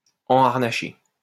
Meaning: 1. to harness a horse 2. to caparison
- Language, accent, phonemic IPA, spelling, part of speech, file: French, France, /ɑ̃.aʁ.na.ʃe/, enharnacher, verb, LL-Q150 (fra)-enharnacher.wav